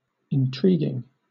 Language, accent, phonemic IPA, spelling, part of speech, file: English, Southern England, /ɪnˈtɹiːɡɪŋ/, intriguing, adjective / verb / noun, LL-Q1860 (eng)-intriguing.wav
- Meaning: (adjective) 1. Causing a desire to know more; mysterious 2. Involving oneself in secret plots or schemes 3. Having clandestine or illicit intercourse; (verb) present participle and gerund of intrigue